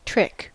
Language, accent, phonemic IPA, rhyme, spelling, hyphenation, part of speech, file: English, US, /ˈtɹɪk/, -ɪk, trick, trick, noun / verb / adjective, En-us-trick.ogg
- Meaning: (noun) 1. Something designed to fool, dupe, outsmart, mislead or swindle 2. A single element of a magician's (or any variety entertainer's) act; a magic trick